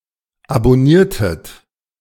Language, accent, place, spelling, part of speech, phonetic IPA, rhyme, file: German, Germany, Berlin, abonniertet, verb, [abɔˈniːɐ̯tət], -iːɐ̯tət, De-abonniertet.ogg
- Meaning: inflection of abonnieren: 1. second-person plural preterite 2. second-person plural subjunctive II